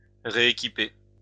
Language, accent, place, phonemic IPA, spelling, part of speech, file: French, France, Lyon, /ʁe.e.ki.pe/, rééquiper, verb, LL-Q150 (fra)-rééquiper.wav
- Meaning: to reequip